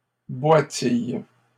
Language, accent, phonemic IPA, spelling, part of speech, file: French, Canada, /bwa.tij/, boitilles, verb, LL-Q150 (fra)-boitilles.wav
- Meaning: second-person singular present indicative/subjunctive of boitiller